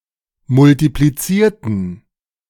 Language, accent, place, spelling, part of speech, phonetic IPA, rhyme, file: German, Germany, Berlin, multiplizierten, adjective / verb, [mʊltipliˈt͡siːɐ̯tn̩], -iːɐ̯tn̩, De-multiplizierten.ogg
- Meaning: inflection of multiplizieren: 1. first/third-person plural preterite 2. first/third-person plural subjunctive II